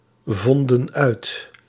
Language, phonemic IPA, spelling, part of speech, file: Dutch, /ˈvɔndə(n) ˈœyt/, vonden uit, verb, Nl-vonden uit.ogg
- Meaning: inflection of uitvinden: 1. plural past indicative 2. plural past subjunctive